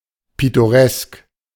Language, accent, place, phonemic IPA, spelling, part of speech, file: German, Germany, Berlin, /pɪtoˈʁɛsk/, pittoresk, adjective, De-pittoresk.ogg
- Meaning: picturesque